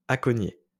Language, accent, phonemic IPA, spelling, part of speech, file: French, France, /a.kɔ.nje/, aconier, noun, LL-Q150 (fra)-aconier.wav
- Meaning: 1. stevedore (who works on an acon) 2. freight company